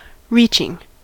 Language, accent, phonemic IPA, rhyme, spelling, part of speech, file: English, US, /ˈɹiːt͡ʃɪŋ/, -iːtʃɪŋ, reaching, verb / noun, En-us-reaching.ogg
- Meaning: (verb) present participle and gerund of reach; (noun) The action of one who reaches; an attempt to grasp something by stretching